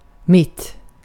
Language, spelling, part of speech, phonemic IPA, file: Swedish, mitt, adverb / noun / pronoun, /mɪtː/, Sv-mitt.ogg
- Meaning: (adverb) in the middle (at or around the middle, spatially or more abstractly), (often) right; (noun) a middle (central point or area); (pronoun) my, mine (neuter gender, singular)